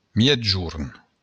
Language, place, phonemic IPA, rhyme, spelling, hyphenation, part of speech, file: Occitan, Béarn, /ˌmjɛdˈd͡ʒuɾ/, -uɾ, miègjorn, mièg‧jorn, noun, LL-Q14185 (oci)-miègjorn.wav
- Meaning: midday